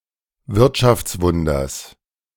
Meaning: genitive singular of Wirtschaftswunder
- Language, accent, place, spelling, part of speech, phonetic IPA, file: German, Germany, Berlin, Wirtschaftswunders, noun, [ˈvɪʁtʃaft͡sˌvʊndɐs], De-Wirtschaftswunders.ogg